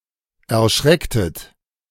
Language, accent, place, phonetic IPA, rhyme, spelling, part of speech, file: German, Germany, Berlin, [ɛɐ̯ˈʃʁɛktət], -ɛktət, erschrecktet, verb, De-erschrecktet.ogg
- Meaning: inflection of erschrecken: 1. second-person plural preterite 2. second-person plural subjunctive II